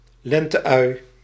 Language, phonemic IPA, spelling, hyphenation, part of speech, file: Dutch, /ˈlɛn.təˌœy̯/, lente-ui, len‧te-ui, noun, Nl-lente-ui.ogg
- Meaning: spring onion, scallion (Allium fistulosum); particularly when cultivated for its stem, similar to a leek